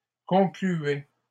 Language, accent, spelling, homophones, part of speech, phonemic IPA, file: French, Canada, concluais, concluaient / concluait, verb, /kɔ̃.kly.ɛ/, LL-Q150 (fra)-concluais.wav
- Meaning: first/second-person singular imperfect indicative of conclure